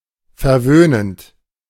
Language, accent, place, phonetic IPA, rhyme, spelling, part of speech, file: German, Germany, Berlin, [fɛɐ̯ˈvøːnənt], -øːnənt, verwöhnend, verb, De-verwöhnend.ogg
- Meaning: present participle of verwöhnen